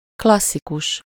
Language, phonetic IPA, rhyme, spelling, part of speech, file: Hungarian, [ˈklɒsːikuʃ], -uʃ, klasszikus, adjective / noun, Hu-klasszikus.ogg
- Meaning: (adjective) classic, classical; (noun) classic, classicist